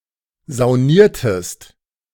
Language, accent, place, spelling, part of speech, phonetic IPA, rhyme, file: German, Germany, Berlin, sauniertest, verb, [zaʊ̯ˈniːɐ̯təst], -iːɐ̯təst, De-sauniertest.ogg
- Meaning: inflection of saunieren: 1. second-person singular preterite 2. second-person singular subjunctive II